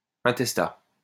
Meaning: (adjective) intestate; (noun) intestate person
- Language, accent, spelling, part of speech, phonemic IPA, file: French, France, intestat, adjective / noun, /ɛ̃.tɛs.ta/, LL-Q150 (fra)-intestat.wav